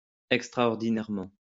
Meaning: extraordinarily
- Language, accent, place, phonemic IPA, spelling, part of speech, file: French, France, Lyon, /ɛk.stʁa.ɔʁ.di.nɛʁ.mɑ̃/, extraordinairement, adverb, LL-Q150 (fra)-extraordinairement.wav